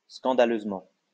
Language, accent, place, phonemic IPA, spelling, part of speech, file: French, France, Lyon, /skɑ̃.da.løz.mɑ̃/, scandaleusement, adverb, LL-Q150 (fra)-scandaleusement.wav
- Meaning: grossly, appallingly, scandalously